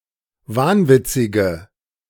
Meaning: inflection of wahnwitzig: 1. strong/mixed nominative/accusative feminine singular 2. strong nominative/accusative plural 3. weak nominative all-gender singular
- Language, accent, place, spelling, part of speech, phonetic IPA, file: German, Germany, Berlin, wahnwitzige, adjective, [ˈvaːnˌvɪt͡sɪɡə], De-wahnwitzige.ogg